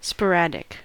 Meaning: 1. (of diseases) occurring in isolated instances; not epidemic 2. Rare and scattered in occurrence 3. Exhibiting random behavior; patternless
- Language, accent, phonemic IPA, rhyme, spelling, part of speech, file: English, US, /spəˈɹæd.ɪk/, -ædɪk, sporadic, adjective, En-us-sporadic.ogg